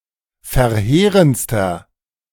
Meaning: inflection of verheerend: 1. strong/mixed nominative masculine singular superlative degree 2. strong genitive/dative feminine singular superlative degree 3. strong genitive plural superlative degree
- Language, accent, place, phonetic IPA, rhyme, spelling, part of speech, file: German, Germany, Berlin, [fɛɐ̯ˈheːʁənt͡stɐ], -eːʁənt͡stɐ, verheerendster, adjective, De-verheerendster.ogg